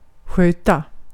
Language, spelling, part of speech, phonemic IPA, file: Swedish, sköta, verb, /²ɧøːˌta/, Sv-sköta.ogg
- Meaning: 1. to manage, to take care of, to care for, to nurse 2. to behave